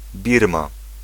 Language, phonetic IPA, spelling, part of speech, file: Polish, [ˈbʲirma], Birma, proper noun, Pl-Birma.ogg